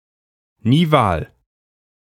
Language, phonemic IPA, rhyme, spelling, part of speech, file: German, /niˈvaːl/, -aːl, nival, adjective, De-nival.ogg
- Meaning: nival